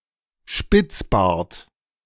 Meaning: goatee
- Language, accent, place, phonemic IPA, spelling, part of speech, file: German, Germany, Berlin, /ˈʃpɪt͡sˌbaːɐ̯t/, Spitzbart, noun, De-Spitzbart.ogg